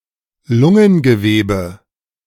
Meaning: lung tissue
- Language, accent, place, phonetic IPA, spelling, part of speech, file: German, Germany, Berlin, [ˈlʊŋənɡəˌveːbə], Lungengewebe, noun, De-Lungengewebe.ogg